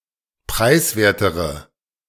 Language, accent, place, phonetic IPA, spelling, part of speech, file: German, Germany, Berlin, [ˈpʁaɪ̯sˌveːɐ̯təʁə], preiswertere, adjective, De-preiswertere.ogg
- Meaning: inflection of preiswert: 1. strong/mixed nominative/accusative feminine singular comparative degree 2. strong nominative/accusative plural comparative degree